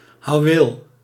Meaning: 1. pickaxe (mining tool) 2. mattock (agricultural tool)
- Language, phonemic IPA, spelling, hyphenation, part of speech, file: Dutch, /hɑuˈwel/, houweel, hou‧weel, noun, Nl-houweel.ogg